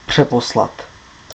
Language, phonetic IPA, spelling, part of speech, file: Czech, [ˈpr̝̊ɛposlat], přeposlat, verb, Cs-přeposlat.ogg
- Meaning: to forward